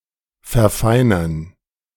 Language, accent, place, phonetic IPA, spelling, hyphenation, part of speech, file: German, Germany, Berlin, [fɛɐ̯ˈfaɪ̯nɐn], verfeinern, ver‧fei‧nern, verb, De-verfeinern.ogg
- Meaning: 1. to improve, to refine 2. to improve, to become better